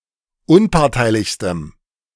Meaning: strong dative masculine/neuter singular superlative degree of unparteilich
- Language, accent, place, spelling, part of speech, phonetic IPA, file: German, Germany, Berlin, unparteilichstem, adjective, [ˈʊnpaʁtaɪ̯lɪçstəm], De-unparteilichstem.ogg